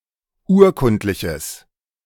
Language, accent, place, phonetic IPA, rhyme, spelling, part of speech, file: German, Germany, Berlin, [ˈuːɐ̯ˌkʊntlɪçəs], -uːɐ̯kʊntlɪçəs, urkundliches, adjective, De-urkundliches.ogg
- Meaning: strong/mixed nominative/accusative neuter singular of urkundlich